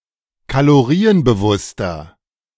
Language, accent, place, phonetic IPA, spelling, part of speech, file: German, Germany, Berlin, [kaloˈʁiːənbəˌvʊstɐ], kalorienbewusster, adjective, De-kalorienbewusster.ogg
- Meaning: 1. comparative degree of kalorienbewusst 2. inflection of kalorienbewusst: strong/mixed nominative masculine singular 3. inflection of kalorienbewusst: strong genitive/dative feminine singular